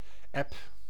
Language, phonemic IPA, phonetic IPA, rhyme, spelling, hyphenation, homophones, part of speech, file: Dutch, /ɛp/, [ɛp], -ɛp, eb, eb, app, noun / verb, Nl-eb.ogg
- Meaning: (noun) ebb; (verb) inflection of ebben: 1. first/second/third-person singular present indicative 2. imperative